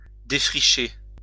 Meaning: 1. to clear (land, e.g. for agriculture) 2. to lay the groundwork in a new field, science
- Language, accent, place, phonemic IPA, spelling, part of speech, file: French, France, Lyon, /de.fʁi.ʃe/, défricher, verb, LL-Q150 (fra)-défricher.wav